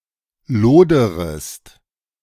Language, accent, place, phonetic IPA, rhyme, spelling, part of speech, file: German, Germany, Berlin, [ˈloːdəʁəst], -oːdəʁəst, loderest, verb, De-loderest.ogg
- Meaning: second-person singular subjunctive I of lodern